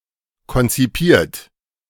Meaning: past participle of konzipieren
- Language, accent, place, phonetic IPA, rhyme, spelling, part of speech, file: German, Germany, Berlin, [kɔnt͡siˈpiːɐ̯t], -iːɐ̯t, konzipiert, verb, De-konzipiert.ogg